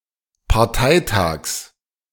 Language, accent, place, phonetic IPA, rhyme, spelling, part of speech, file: German, Germany, Berlin, [paʁˈtaɪ̯ˌtaːks], -aɪ̯taːks, Parteitags, noun, De-Parteitags.ogg
- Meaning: genitive singular of Parteitag